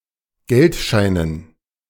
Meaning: dative plural of Geldschein
- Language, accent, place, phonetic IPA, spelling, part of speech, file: German, Germany, Berlin, [ˈɡɛltˌʃaɪ̯nən], Geldscheinen, noun, De-Geldscheinen.ogg